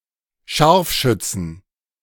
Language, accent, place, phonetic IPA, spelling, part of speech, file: German, Germany, Berlin, [ˈʃaʁfˌʃʏt͡sn̩], Scharfschützen, noun, De-Scharfschützen.ogg
- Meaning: plural of Scharfschütze